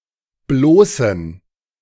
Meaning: inflection of bloß: 1. strong genitive masculine/neuter singular 2. weak/mixed genitive/dative all-gender singular 3. strong/weak/mixed accusative masculine singular 4. strong dative plural
- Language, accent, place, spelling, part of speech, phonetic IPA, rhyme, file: German, Germany, Berlin, bloßen, adjective, [ˈbloːsn̩], -oːsn̩, De-bloßen.ogg